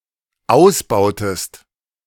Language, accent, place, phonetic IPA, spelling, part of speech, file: German, Germany, Berlin, [ˈaʊ̯sˌbaʊ̯təst], ausbautest, verb, De-ausbautest.ogg
- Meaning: inflection of ausbauen: 1. second-person singular dependent preterite 2. second-person singular dependent subjunctive II